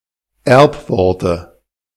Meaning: dative singular of Erbwort
- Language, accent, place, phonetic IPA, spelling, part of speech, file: German, Germany, Berlin, [ˈɛʁpˌvɔʁtə], Erbworte, noun, De-Erbworte.ogg